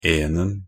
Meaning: singular masculine definite form of -en
- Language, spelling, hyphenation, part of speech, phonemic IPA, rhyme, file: Norwegian Bokmål, -enen, -en‧en, suffix, /ˈeːnən/, -ən, Nb--enen.ogg